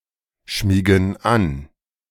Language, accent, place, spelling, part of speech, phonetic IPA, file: German, Germany, Berlin, schmiegen an, verb, [ˌʃmiːɡn̩ ˈan], De-schmiegen an.ogg
- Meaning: inflection of anschmiegen: 1. first/third-person plural present 2. first/third-person plural subjunctive I